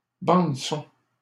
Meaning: soundtrack
- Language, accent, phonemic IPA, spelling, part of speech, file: French, Canada, /bɑ̃d.sɔ̃/, bande-son, noun, LL-Q150 (fra)-bande-son.wav